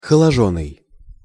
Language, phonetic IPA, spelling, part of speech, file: Russian, [xəɫɐˈʐonːɨj], холожённый, verb, Ru-холожённый.ogg
- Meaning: past passive imperfective participle of холоди́ть (xolodítʹ)